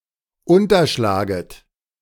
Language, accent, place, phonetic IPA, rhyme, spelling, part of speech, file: German, Germany, Berlin, [ˌʊntɐˈʃlaːɡət], -aːɡət, unterschlaget, verb, De-unterschlaget.ogg
- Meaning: second-person plural subjunctive I of unterschlagen